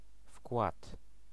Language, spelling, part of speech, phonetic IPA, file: Polish, wkład, noun, [fkwat], Pl-wkład.ogg